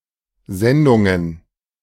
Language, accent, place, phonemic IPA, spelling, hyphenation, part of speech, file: German, Germany, Berlin, /ˈzɛndʊŋən/, Sendungen, Sen‧dun‧gen, noun, De-Sendungen.ogg
- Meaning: plural of Sendung